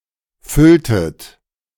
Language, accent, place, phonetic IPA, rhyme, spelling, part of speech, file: German, Germany, Berlin, [ˈfʏltət], -ʏltət, fülltet, verb, De-fülltet.ogg
- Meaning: inflection of füllen: 1. second-person plural preterite 2. second-person plural subjunctive II